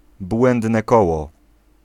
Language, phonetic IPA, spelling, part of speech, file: Polish, [ˈbwɛ̃ndnɛ ˈkɔwɔ], błędne koło, noun, Pl-błędne koło.ogg